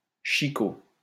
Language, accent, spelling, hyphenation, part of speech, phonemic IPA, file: French, France, chicot, chi‧cot, noun, /ʃi.ko/, LL-Q150 (fra)-chicot.wav
- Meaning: 1. stump, stub 2. a snag, a dead or dying tree that remains standing 3. a tooth